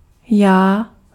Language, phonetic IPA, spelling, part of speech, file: Czech, [ˈjaː], já, pronoun / noun, Cs-já.ogg
- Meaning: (pronoun) first-person pronoun; I; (noun) ego